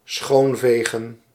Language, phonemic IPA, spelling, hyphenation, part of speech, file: Dutch, /ˈsxoːnˌveː.ɣə(n)/, schoonvegen, schoon‧ve‧gen, verb, Nl-schoonvegen.ogg
- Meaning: to sweep clean, to wipe clean